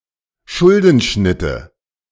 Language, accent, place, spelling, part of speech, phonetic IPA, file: German, Germany, Berlin, Schuldenschnitte, noun, [ˈʃʊldn̩ˌʃnɪtə], De-Schuldenschnitte.ogg
- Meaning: nominative/accusative/genitive plural of Schuldenschnitt